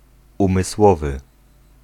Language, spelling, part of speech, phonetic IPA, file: Polish, umysłowy, adjective, [ˌũmɨˈswɔvɨ], Pl-umysłowy.ogg